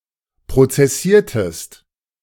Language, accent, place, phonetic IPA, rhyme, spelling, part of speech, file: German, Germany, Berlin, [pʁot͡sɛˈsiːɐ̯təst], -iːɐ̯təst, prozessiertest, verb, De-prozessiertest.ogg
- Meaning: inflection of prozessieren: 1. second-person singular preterite 2. second-person singular subjunctive II